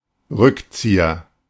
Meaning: 1. backtrack 2. overhead kick
- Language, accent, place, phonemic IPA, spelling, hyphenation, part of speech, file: German, Germany, Berlin, /ˈʁʏkˌt͡siːɐ/, Rückzieher, Rück‧zie‧her, noun, De-Rückzieher.ogg